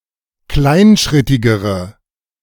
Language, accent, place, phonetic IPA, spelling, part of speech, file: German, Germany, Berlin, [ˈklaɪ̯nˌʃʁɪtɪɡəʁə], kleinschrittigere, adjective, De-kleinschrittigere.ogg
- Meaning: inflection of kleinschrittig: 1. strong/mixed nominative/accusative feminine singular comparative degree 2. strong nominative/accusative plural comparative degree